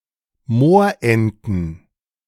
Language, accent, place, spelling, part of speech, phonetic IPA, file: German, Germany, Berlin, Moorenten, noun, [ˈmoːɐ̯ˌʔɛntn̩], De-Moorenten.ogg
- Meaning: plural of Moorente